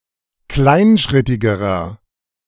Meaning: inflection of kleinschrittig: 1. strong/mixed nominative masculine singular comparative degree 2. strong genitive/dative feminine singular comparative degree
- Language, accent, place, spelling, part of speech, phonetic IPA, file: German, Germany, Berlin, kleinschrittigerer, adjective, [ˈklaɪ̯nˌʃʁɪtɪɡəʁɐ], De-kleinschrittigerer.ogg